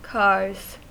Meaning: plural of car
- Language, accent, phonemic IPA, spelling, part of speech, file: English, US, /ˈkɑɹz/, cars, noun, En-us-cars.ogg